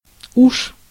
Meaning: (adverb) 1. already 2. Used as a particle to express intensification of emotion, often when admonishing or requesting of someone, including in a few set phrases; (noun) grass snake (Natrix natrix)
- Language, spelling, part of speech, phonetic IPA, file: Russian, уж, adverb / noun, [uʂ], Ru-уж.ogg